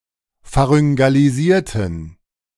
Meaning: inflection of pharyngalisieren: 1. first/third-person plural preterite 2. first/third-person plural subjunctive II
- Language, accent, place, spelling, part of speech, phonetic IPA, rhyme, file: German, Germany, Berlin, pharyngalisierten, adjective / verb, [faʁʏŋɡaliˈziːɐ̯tn̩], -iːɐ̯tn̩, De-pharyngalisierten.ogg